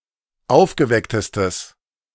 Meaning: strong/mixed nominative/accusative neuter singular superlative degree of aufgeweckt
- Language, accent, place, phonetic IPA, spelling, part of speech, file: German, Germany, Berlin, [ˈaʊ̯fɡəˌvɛktəstəs], aufgewecktestes, adjective, De-aufgewecktestes.ogg